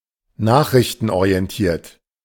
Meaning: message-oriented
- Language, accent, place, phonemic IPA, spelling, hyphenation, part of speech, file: German, Germany, Berlin, /ˈnaːχʁɪçtənoʁi̯ɛnˈtiːɐ̯t/, nachrichtenorientiert, nach‧rich‧ten‧o‧ri‧en‧tiert, adjective, De-nachrichtenorientiert.ogg